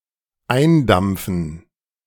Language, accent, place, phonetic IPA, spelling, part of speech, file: German, Germany, Berlin, [ˈaɪ̯nˌdamp͡fn̩], eindampfen, verb, De-eindampfen.ogg
- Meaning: 1. to evaporate 2. to vaporize